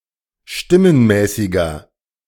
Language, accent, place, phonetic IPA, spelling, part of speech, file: German, Germany, Berlin, [ˈʃtɪmənˌmɛːsɪɡɐ], stimmenmäßiger, adjective, De-stimmenmäßiger.ogg
- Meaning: inflection of stimmenmäßig: 1. strong/mixed nominative masculine singular 2. strong genitive/dative feminine singular 3. strong genitive plural